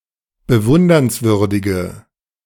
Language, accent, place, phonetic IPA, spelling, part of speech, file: German, Germany, Berlin, [bəˈvʊndɐnsˌvʏʁdɪɡə], bewundernswürdige, adjective, De-bewundernswürdige.ogg
- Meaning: inflection of bewundernswürdig: 1. strong/mixed nominative/accusative feminine singular 2. strong nominative/accusative plural 3. weak nominative all-gender singular